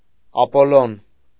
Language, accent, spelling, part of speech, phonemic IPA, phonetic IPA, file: Armenian, Eastern Armenian, Ապոլլոն, proper noun, /ɑpoˈlon/, [ɑpolón], Hy-Ապոլլոն.ogg
- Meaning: Apollo